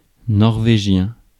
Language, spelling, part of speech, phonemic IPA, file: French, norvégien, noun / adjective, /nɔʁ.ve.ʒjɛ̃/, Fr-norvégien.ogg
- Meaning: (noun) Norwegian (language); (adjective) Norwegian